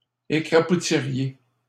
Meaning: second-person plural conditional of écrapoutir
- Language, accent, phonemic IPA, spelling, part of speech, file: French, Canada, /e.kʁa.pu.ti.ʁje/, écrapoutiriez, verb, LL-Q150 (fra)-écrapoutiriez.wav